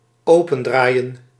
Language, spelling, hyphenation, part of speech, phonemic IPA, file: Dutch, opendraaien, open‧draa‧ien, verb, /ˈoː.pə(n)ˌdraːi̯ə(n)/, Nl-opendraaien.ogg
- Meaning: 1. to open by turning 2. to open up